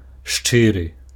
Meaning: sincere; frank, honest
- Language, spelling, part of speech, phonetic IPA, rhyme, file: Belarusian, шчыры, adjective, [ˈʂt͡ʂɨrɨ], -ɨrɨ, Be-шчыры.ogg